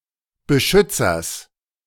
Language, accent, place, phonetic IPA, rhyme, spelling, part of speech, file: German, Germany, Berlin, [bəˈʃʏt͡sɐs], -ʏt͡sɐs, Beschützers, noun, De-Beschützers.ogg
- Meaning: genitive singular of Beschützer